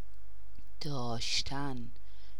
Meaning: 1. to have; to possess, to own 2. to be (doing something) 3. to keep, to hold
- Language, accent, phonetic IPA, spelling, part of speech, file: Persian, Iran, [d̪ɒːʃ.t̪ʰǽn], داشتن, verb, Fa-داشتن.ogg